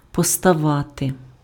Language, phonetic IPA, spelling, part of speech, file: Ukrainian, [pɔstɐˈʋate], поставати, verb, Uk-поставати.ogg
- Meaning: to arise, to crop up, to appear